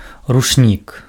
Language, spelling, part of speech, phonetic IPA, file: Belarusian, ручнік, noun, [rut͡ʂˈnʲik], Be-ручнік.ogg
- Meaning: towel